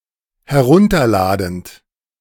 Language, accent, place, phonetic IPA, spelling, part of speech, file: German, Germany, Berlin, [hɛˈʁʊntɐˌlaːdn̩t], herunterladend, verb, De-herunterladend.ogg
- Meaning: present participle of herunterladen